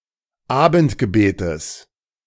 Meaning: genitive singular of Abendgebet
- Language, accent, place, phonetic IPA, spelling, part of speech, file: German, Germany, Berlin, [ˈaːbn̩tɡəˌbeːtəs], Abendgebetes, noun, De-Abendgebetes.ogg